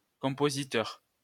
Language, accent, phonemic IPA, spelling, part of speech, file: French, France, /kɔ̃.po.zi.tœʁ/, compositeur, noun, LL-Q150 (fra)-compositeur.wav
- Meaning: 1. composer 2. typesetter